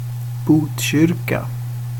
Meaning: a municipality of Stockholm County, in central Sweden
- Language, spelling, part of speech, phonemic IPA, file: Swedish, Botkyrka, proper noun, /ˈbuːtˌɕʏrka/, Sv-Botkyrka.ogg